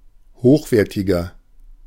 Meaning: 1. comparative degree of hochwertig 2. inflection of hochwertig: strong/mixed nominative masculine singular 3. inflection of hochwertig: strong genitive/dative feminine singular
- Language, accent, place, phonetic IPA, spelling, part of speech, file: German, Germany, Berlin, [ˈhoːxˌveːɐ̯tɪɡɐ], hochwertiger, adjective, De-hochwertiger.ogg